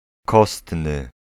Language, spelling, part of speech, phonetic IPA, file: Polish, kostny, adjective, [ˈkɔstnɨ], Pl-kostny.ogg